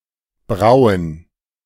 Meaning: to brew
- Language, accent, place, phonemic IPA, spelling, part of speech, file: German, Germany, Berlin, /ˈbraʊ̯ən/, brauen, verb, De-brauen.ogg